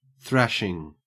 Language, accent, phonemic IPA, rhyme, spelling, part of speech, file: English, Australia, /ˈθɹæʃɪŋ/, -æʃɪŋ, thrashing, verb / noun, En-au-thrashing.ogg
- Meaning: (verb) present participle and gerund of thrash; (noun) 1. Action of the verb to thrash 2. A beating, especially a severe one 3. A heavy defeat 4. Excessive paging within virtual storage